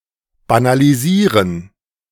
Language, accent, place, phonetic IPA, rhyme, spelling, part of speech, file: German, Germany, Berlin, [banaliˈziːʁən], -iːʁən, banalisieren, verb, De-banalisieren.ogg
- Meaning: to banalize